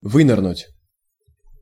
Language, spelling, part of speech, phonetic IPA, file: Russian, вынырнуть, verb, [ˈvɨnɨrnʊtʲ], Ru-вынырнуть.ogg
- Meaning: 1. to come up, to come to the surface, to emerge 2. to turn up